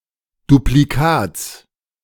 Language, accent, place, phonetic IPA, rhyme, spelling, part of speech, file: German, Germany, Berlin, [dupliˈkaːt͡s], -aːt͡s, Duplikats, noun, De-Duplikats.ogg
- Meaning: genitive singular of Duplikat